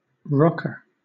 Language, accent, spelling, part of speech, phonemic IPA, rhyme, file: English, Southern England, rocker, noun, /ˈɹɒk.ə(ɹ)/, -ɒkə(ɹ), LL-Q1860 (eng)-rocker.wav
- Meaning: 1. A curved piece of wood attached to the bottom of a rocking chair or cradle that enables it to rock back and forth 2. A rocking chair